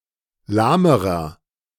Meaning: inflection of lahm: 1. strong/mixed nominative masculine singular comparative degree 2. strong genitive/dative feminine singular comparative degree 3. strong genitive plural comparative degree
- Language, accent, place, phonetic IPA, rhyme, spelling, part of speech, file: German, Germany, Berlin, [ˈlaːməʁɐ], -aːməʁɐ, lahmerer, adjective, De-lahmerer.ogg